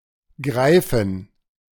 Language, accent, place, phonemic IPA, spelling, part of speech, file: German, Germany, Berlin, /ˈɡʁaɪ̯fən/, Greifen, noun, De-Greifen.ogg
- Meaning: 1. gerund of greifen 2. plural of Greif 3. genitive singular of Greif